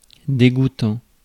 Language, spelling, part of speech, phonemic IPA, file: French, dégoûtant, verb / adjective, /de.ɡu.tɑ̃/, Fr-dégoûtant.ogg
- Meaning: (verb) present participle of dégoûter; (adjective) disgusting